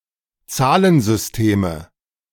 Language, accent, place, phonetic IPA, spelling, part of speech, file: German, Germany, Berlin, [ˈt͡saːlənzʏsˌteːmə], Zahlensysteme, noun, De-Zahlensysteme.ogg
- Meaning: nominative/accusative/genitive plural of Zahlensystem